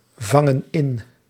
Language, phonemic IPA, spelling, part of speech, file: Dutch, /ˈvɑŋə(n) ˈɪn/, vangen in, verb, Nl-vangen in.ogg
- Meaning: inflection of invangen: 1. plural present indicative 2. plural present subjunctive